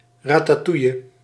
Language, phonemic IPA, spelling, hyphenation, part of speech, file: Dutch, /raːtaːˈtujə/, ratatouille, ra‧ta‧touil‧le, noun, Nl-ratatouille.ogg
- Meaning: ratatouille: a traditional French Provençal stewed vegetable dish consisting primarily of tomatoes, zucchini and eggplant, with other ingredients